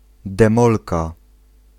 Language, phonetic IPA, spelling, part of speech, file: Polish, [dɛ̃ˈmɔlka], demolka, noun, Pl-demolka.ogg